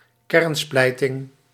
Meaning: nuclear fission
- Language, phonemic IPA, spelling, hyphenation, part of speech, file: Dutch, /ˈkɛrnˌsplɛi̯.tɪŋ/, kernsplijting, kern‧splij‧ting, noun, Nl-kernsplijting.ogg